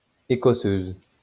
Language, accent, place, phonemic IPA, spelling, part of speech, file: French, France, Lyon, /e.kɔ.søz/, écosseuse, noun, LL-Q150 (fra)-écosseuse.wav
- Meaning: female equivalent of écosseur